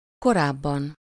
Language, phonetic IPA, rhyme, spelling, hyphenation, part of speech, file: Hungarian, [ˈkoraːbːɒn], -ɒn, korábban, ko‧ráb‧ban, adverb, Hu-korábban.ogg
- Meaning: 1. previously, before, earlier 2. comparative degree of korán